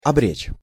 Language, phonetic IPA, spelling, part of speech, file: Russian, [ɐˈbrʲet͡ɕ], обречь, verb, Ru-обречь.ogg
- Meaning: to condemn, to doom